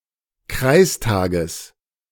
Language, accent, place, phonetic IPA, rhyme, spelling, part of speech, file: German, Germany, Berlin, [ˈkʁaɪ̯sˌtaːɡəs], -aɪ̯staːɡəs, Kreistages, noun, De-Kreistages.ogg
- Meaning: genitive singular of Kreistag